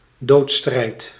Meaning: alternative spelling of doodstrijd
- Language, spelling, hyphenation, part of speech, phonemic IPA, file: Dutch, doodsstrijd, doods‧strijd, noun, /ˈdoːt.strɛi̯t/, Nl-doodsstrijd.ogg